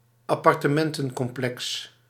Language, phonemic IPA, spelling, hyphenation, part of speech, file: Dutch, /ɑ.pɑr.təˈmɛn.tə(n).kɔmˌplɛks/, appartementencomplex, ap‧par‧te‧men‧ten‧com‧plex, noun, Nl-appartementencomplex.ogg
- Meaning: apartment complex